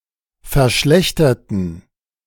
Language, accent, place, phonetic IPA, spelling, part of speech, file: German, Germany, Berlin, [fɛɐ̯ˈʃlɛçtɐtn̩], verschlechterten, adjective / verb, De-verschlechterten.ogg
- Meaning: inflection of verschlechtern: 1. first/third-person plural preterite 2. first/third-person plural subjunctive II